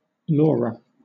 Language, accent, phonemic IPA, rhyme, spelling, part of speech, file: English, Southern England, /ˈlɔːɹə/, -ɔːɹə, laura, noun, LL-Q1860 (eng)-laura.wav
- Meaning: A number of hermitages or cells in the same neighborhood occupied by anchorites who were under the same superior